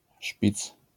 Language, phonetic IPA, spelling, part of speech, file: Polish, [ʃpʲit͡s], szpic, noun, LL-Q809 (pol)-szpic.wav